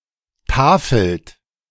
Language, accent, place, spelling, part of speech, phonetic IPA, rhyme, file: German, Germany, Berlin, tafelt, verb, [ˈtaːfl̩t], -aːfl̩t, De-tafelt.ogg
- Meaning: inflection of tafeln: 1. third-person singular present 2. second-person plural present 3. plural imperative